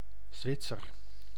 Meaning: a Swiss, a person from Switzerland
- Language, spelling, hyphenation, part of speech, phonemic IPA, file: Dutch, Zwitser, Zwit‧ser, noun, /ˈzʋɪt.sər/, Nl-Zwitser.ogg